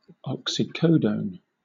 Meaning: An addictive, semisynthetic opioid (trademark OxyContin) that is similar to morphine in effect and structure; C₁₈H₂₁NO₄
- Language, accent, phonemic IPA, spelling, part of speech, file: English, Southern England, /ˌɒk.siˈkəʊ.dəʊn/, oxycodone, noun, LL-Q1860 (eng)-oxycodone.wav